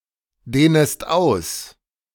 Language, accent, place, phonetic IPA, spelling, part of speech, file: German, Germany, Berlin, [ˌdeːnəst ˈaʊ̯s], dehnest aus, verb, De-dehnest aus.ogg
- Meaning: second-person singular subjunctive I of ausdehnen